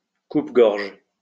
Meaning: no-go zone, deathtrap, cutthroat area, dangerous area, ghetto
- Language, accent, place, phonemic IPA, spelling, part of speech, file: French, France, Lyon, /kup.ɡɔʁʒ/, coupe-gorge, noun, LL-Q150 (fra)-coupe-gorge.wav